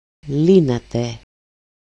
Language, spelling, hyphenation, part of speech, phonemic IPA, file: Greek, λύνατε, λύ‧να‧τε, verb, /ˈli.na.te/, El-λύνατε.ogg
- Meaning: second-person plural imperfect active indicative of λύνω (lýno)